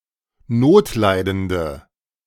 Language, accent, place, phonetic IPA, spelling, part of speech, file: German, Germany, Berlin, [ˈnoːtˌlaɪ̯dəndə], notleidende, adjective, De-notleidende.ogg
- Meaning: inflection of notleidend: 1. strong/mixed nominative/accusative feminine singular 2. strong nominative/accusative plural 3. weak nominative all-gender singular